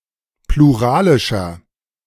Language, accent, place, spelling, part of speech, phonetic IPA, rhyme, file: German, Germany, Berlin, pluralischer, adjective, [pluˈʁaːlɪʃɐ], -aːlɪʃɐ, De-pluralischer.ogg
- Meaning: inflection of pluralisch: 1. strong/mixed nominative masculine singular 2. strong genitive/dative feminine singular 3. strong genitive plural